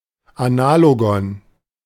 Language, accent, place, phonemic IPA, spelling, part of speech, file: German, Germany, Berlin, /aˈna(ː)loɡɔn/, Analogon, noun, De-Analogon.ogg
- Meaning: analogue (something that is analogous, bears an analogy)